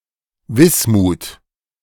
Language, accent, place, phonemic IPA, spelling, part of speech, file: German, Germany, Berlin, /ˈvɪsmuːt/, Wismut, noun, De-Wismut.ogg
- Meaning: alternative form of Bismut: bismuth